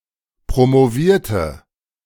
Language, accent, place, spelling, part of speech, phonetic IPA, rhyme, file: German, Germany, Berlin, promovierte, adjective / verb, [pʁomoˈviːɐ̯tə], -iːɐ̯tə, De-promovierte.ogg
- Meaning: inflection of promovieren: 1. first/third-person singular preterite 2. first/third-person singular subjunctive II